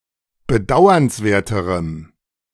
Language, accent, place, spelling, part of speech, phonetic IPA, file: German, Germany, Berlin, bedauernswerterem, adjective, [bəˈdaʊ̯ɐnsˌveːɐ̯təʁəm], De-bedauernswerterem.ogg
- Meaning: strong dative masculine/neuter singular comparative degree of bedauernswert